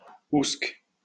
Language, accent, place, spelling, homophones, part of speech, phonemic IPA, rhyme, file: French, France, Lyon, oùsque, ousque, adverb, /usk/, -usk, LL-Q150 (fra)-oùsque.wav
- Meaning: alternative form of où (interrogative or relative)